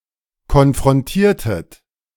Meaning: inflection of konfrontieren: 1. second-person plural preterite 2. second-person plural subjunctive II
- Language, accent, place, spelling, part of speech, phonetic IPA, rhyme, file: German, Germany, Berlin, konfrontiertet, verb, [kɔnfʁɔnˈtiːɐ̯tət], -iːɐ̯tət, De-konfrontiertet.ogg